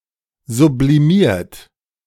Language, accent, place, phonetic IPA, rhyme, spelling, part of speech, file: German, Germany, Berlin, [zubliˈmiːɐ̯t], -iːɐ̯t, sublimiert, verb, De-sublimiert.ogg
- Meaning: 1. past participle of sublimieren 2. inflection of sublimieren: third-person singular present 3. inflection of sublimieren: second-person plural present 4. inflection of sublimieren: plural imperative